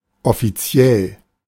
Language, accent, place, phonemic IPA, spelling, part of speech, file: German, Germany, Berlin, /ˌɔfiˈtsjɛl/, offiziell, adjective, De-offiziell.ogg
- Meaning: official